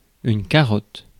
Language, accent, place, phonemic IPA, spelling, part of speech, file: French, France, Paris, /ka.ʁɔt/, carotte, noun, Fr-carotte.ogg
- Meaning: 1. carrot (vegetable) 2. carotte (cylindrical roll of tobacco) 3. the red sign outside a tabac or bar-tabac 4. core sample (of sediment, ice, etc)